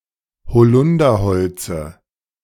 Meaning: inflection of bezeugt: 1. strong/mixed nominative/accusative feminine singular 2. strong nominative/accusative plural 3. weak nominative all-gender singular 4. weak accusative feminine/neuter singular
- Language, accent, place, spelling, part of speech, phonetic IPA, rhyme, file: German, Germany, Berlin, bezeugte, adjective / verb, [bəˈt͡sɔɪ̯ktə], -ɔɪ̯ktə, De-bezeugte.ogg